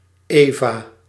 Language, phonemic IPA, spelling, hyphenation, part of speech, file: Dutch, /ˈeː.vaː/, Eva, Eva, proper noun, Nl-Eva.ogg
- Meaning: 1. Eve (mythological first woman) 2. a female given name